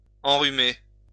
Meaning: to affect with a cold, to give someone a cold (illness)
- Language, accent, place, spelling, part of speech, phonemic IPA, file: French, France, Lyon, enrhumer, verb, /ɑ̃.ʁy.me/, LL-Q150 (fra)-enrhumer.wav